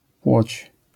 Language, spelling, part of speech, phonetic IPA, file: Polish, płoć, noun, [pwɔt͡ɕ], LL-Q809 (pol)-płoć.wav